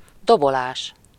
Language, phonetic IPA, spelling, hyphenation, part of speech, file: Hungarian, [ˈdobolaːʃ], dobolás, do‧bo‧lás, noun, Hu-dobolás.ogg
- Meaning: 1. verbal noun of dobol: drumming (the act of beating a drum) 2. drumming (a noise resembling that of a drum being beaten)